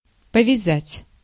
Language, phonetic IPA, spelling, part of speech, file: Russian, [pəvʲɪˈzatʲ], повязать, verb, Ru-повязать.ogg
- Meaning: 1. to tie 2. to seize, to arrest, to bust, to nab, to pinch 3. to knit (a little)